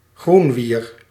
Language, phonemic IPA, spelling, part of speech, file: Dutch, /ˈɣrunwir/, groenwier, noun, Nl-groenwier.ogg
- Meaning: green alga, chlorophyte (but see also groenwieren)